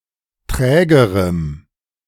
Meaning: strong dative masculine/neuter singular comparative degree of träge
- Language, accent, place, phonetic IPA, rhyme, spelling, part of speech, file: German, Germany, Berlin, [ˈtʁɛːɡəʁəm], -ɛːɡəʁəm, trägerem, adjective, De-trägerem.ogg